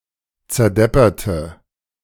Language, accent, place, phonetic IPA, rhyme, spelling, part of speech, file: German, Germany, Berlin, [t͡sɛɐ̯ˈdɛpɐtə], -ɛpɐtə, zerdepperte, adjective / verb, De-zerdepperte.ogg
- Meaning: inflection of zerdeppern: 1. first/third-person singular preterite 2. first/third-person singular subjunctive II